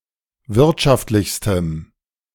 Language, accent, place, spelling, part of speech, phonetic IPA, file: German, Germany, Berlin, wirtschaftlichstem, adjective, [ˈvɪʁtʃaftlɪçstəm], De-wirtschaftlichstem.ogg
- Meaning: strong dative masculine/neuter singular superlative degree of wirtschaftlich